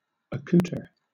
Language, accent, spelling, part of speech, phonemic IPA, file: English, Southern England, accoutre, verb, /əˈkuːtə/, LL-Q1860 (eng)-accoutre.wav
- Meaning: Alternative form of accouter